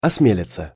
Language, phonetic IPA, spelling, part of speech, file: Russian, [ɐsˈmʲelʲɪt͡sə], осмелиться, verb, Ru-осмелиться.ogg
- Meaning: to dare